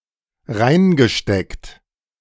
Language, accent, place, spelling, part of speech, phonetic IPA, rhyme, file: German, Germany, Berlin, reingesteckt, verb, [ˈʁaɪ̯nɡəˌʃtɛkt], -aɪ̯nɡəʃtɛkt, De-reingesteckt.ogg
- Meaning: past participle of reinstecken